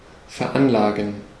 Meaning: 1. to assess 2. to invest
- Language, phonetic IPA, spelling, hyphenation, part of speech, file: German, [fɛɐ̯ˈʔanlaːɡn̩], veranlagen, ver‧an‧la‧gen, verb, De-veranlagen.ogg